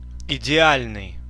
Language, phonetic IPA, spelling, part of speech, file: Russian, [ɪdʲɪˈalʲnɨj], идеальный, adjective, Ru-идеальный.ogg
- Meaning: ideal, perfect (being optimal)